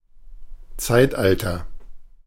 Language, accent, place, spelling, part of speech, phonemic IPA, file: German, Germany, Berlin, Zeitalter, noun, /ˈtsaɪ̯tˌʔaltɐ/, De-Zeitalter.ogg
- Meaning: age; era (historic period of time)